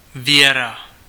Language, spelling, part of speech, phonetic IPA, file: Czech, Věra, proper noun, [ˈvjɛra], Cs-Věra.ogg
- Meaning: a female given name, equivalent to English Vera